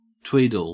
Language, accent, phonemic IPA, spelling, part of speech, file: English, Australia, /ˈtwiːdəl/, tweedle, verb / noun, En-au-tweedle.ogg
- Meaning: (verb) 1. To handle lightly; said with reference to awkward playing on a fiddle 2. To influence as if by fiddling; to coax; to allure 3. To twiddle 4. To sell fake jewellery as genuine